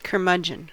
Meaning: 1. An ill-tempered person full of stubborn ideas or opinions, often an older man 2. A miser
- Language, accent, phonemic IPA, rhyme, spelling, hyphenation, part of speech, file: English, US, /kɚˈmʌd͡ʒ.ən/, -ʌdʒən, curmudgeon, cur‧mudg‧eon, noun, En-us-curmudgeon.ogg